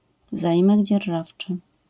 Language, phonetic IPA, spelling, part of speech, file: Polish, [zaˈʲĩmɛɟ d͡ʑɛrˈʒaft͡ʃɨ], zaimek dzierżawczy, noun, LL-Q809 (pol)-zaimek dzierżawczy.wav